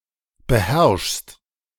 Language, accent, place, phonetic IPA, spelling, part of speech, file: German, Germany, Berlin, [bəˈhɛʁʃst], beherrschst, verb, De-beherrschst.ogg
- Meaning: second-person singular present of beherrschen